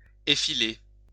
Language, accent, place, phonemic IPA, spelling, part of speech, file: French, France, Lyon, /e.fi.le/, effiler, verb, LL-Q150 (fra)-effiler.wav
- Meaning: 1. to thin, taper 2. to fray